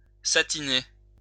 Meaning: to give a satinlike appearance
- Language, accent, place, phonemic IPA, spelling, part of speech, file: French, France, Lyon, /sa.ti.ne/, satiner, verb, LL-Q150 (fra)-satiner.wav